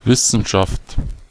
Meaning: 1. science (a branch of knowledge or academic discipline dealing with a systematic body of facts or truths) 2. science, the sciences taken as a whole
- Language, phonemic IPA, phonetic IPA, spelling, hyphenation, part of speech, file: German, /ˈvɪsənʃaft/, [ˈvɪsn̩ʃaft], Wissenschaft, Wis‧sen‧schaft, noun, De-Wissenschaft1.ogg